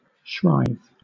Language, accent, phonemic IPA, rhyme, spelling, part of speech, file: English, Southern England, /ʃɹaɪð/, -aɪð, shrithe, verb, LL-Q1860 (eng)-shrithe.wav
- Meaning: To move; to proceed; to creep, roam, wander